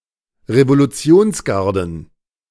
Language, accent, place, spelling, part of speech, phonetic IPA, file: German, Germany, Berlin, Revolutionsgarden, noun, [ʁevoluˈt͡si̯oːnsˌɡaʁdn̩], De-Revolutionsgarden.ogg
- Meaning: plural of Revolutionsgarde